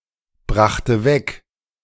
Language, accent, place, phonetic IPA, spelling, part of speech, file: German, Germany, Berlin, [ˌbʁaxtə ˈvɛk], brachte weg, verb, De-brachte weg.ogg
- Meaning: first/third-person singular preterite of wegbringen